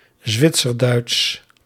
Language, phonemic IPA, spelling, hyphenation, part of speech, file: Dutch, /ˈzʋɪt.sərˌdœy̯ts/, Zwitserduits, Zwit‧ser‧duits, proper noun, Nl-Zwitserduits.ogg
- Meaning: Swiss German